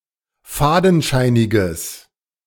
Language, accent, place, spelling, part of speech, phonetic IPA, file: German, Germany, Berlin, fadenscheiniges, adjective, [ˈfaːdn̩ˌʃaɪ̯nɪɡəs], De-fadenscheiniges.ogg
- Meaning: strong/mixed nominative/accusative neuter singular of fadenscheinig